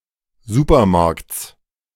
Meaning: genitive singular of Supermarkt
- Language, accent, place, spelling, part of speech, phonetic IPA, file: German, Germany, Berlin, Supermarkts, noun, [ˈzuːpɐˌmaʁkt͡s], De-Supermarkts.ogg